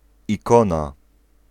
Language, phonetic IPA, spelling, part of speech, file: Polish, [iˈkɔ̃na], ikona, noun, Pl-ikona.ogg